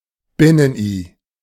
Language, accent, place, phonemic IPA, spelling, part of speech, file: German, Germany, Berlin, /ˈbɪnənˌʔiː/, Binnen-I, noun, De-Binnen-I.ogg
- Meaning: word-internal capital I (inserted to mark a word as gender-neutral)